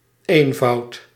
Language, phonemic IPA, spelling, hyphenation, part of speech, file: Dutch, /ˈeːn.vɑu̯t/, eenvoud, een‧voud, noun, Nl-eenvoud.ogg
- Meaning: simplicity